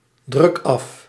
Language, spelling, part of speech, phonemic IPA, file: Dutch, druk af, verb, /ˌdrʏk ˈɑf/, Nl-druk af.ogg
- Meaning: inflection of afdrukken: 1. first-person singular present indicative 2. second-person singular present indicative 3. imperative